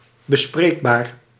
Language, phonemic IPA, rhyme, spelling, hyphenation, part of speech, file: Dutch, /bəˈspreːkˌbaːr/, -eːkbaːr, bespreekbaar, be‧spreek‧baar, adjective, Nl-bespreekbaar.ogg
- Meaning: 1. negotiable, up for discussion 2. able to be talked about; discussable